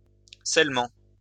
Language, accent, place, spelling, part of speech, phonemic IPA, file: French, France, Lyon, scellement, noun, /sɛl.mɑ̃/, LL-Q150 (fra)-scellement.wav
- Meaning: 1. sealing 2. seal